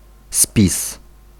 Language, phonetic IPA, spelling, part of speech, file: Polish, [spʲis], spis, noun, Pl-spis.ogg